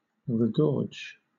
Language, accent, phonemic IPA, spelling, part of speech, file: English, Southern England, /ɹɪˈɡɔː(ɹ)d͡ʒ/, regorge, verb, LL-Q1860 (eng)-regorge.wav
- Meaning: 1. To disgorge or vomit 2. To swallow again; to swallow back